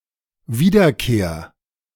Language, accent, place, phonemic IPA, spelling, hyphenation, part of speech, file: German, Germany, Berlin, /ˈviːdɐˌkeːɐ̯/, Wiederkehr, Wie‧der‧kehr, noun, De-Wiederkehr.ogg
- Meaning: return